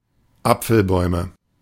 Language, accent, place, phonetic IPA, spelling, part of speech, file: German, Germany, Berlin, [ˈap͡fl̩ˌbɔɪ̯mə], Apfelbäume, noun, De-Apfelbäume.ogg
- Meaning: nominative/accusative/genitive plural of Apfelbaum